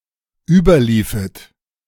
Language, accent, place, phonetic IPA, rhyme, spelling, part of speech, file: German, Germany, Berlin, [ˈyːbɐˌliːfət], -yːbɐliːfət, überliefet, verb, De-überliefet.ogg
- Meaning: second-person plural dependent subjunctive II of überlaufen